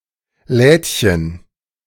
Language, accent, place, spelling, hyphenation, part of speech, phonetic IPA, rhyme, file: German, Germany, Berlin, Lädchen, Läd‧chen, noun, [ˈlɛːtçən], -ɛːtçən, De-Lädchen.ogg
- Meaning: 1. diminutive of Laden 2. diminutive of Lade